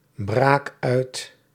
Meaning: inflection of uitbraken: 1. first-person singular present indicative 2. second-person singular present indicative 3. imperative
- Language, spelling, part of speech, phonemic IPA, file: Dutch, braak uit, verb, /ˈbrak ˈœyt/, Nl-braak uit.ogg